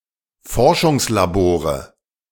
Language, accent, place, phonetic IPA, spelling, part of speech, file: German, Germany, Berlin, [ˈfɔʁʃʊŋslaˌboːʁə], Forschungslabore, noun, De-Forschungslabore.ogg
- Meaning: nominative/accusative/genitive plural of Forschungslabor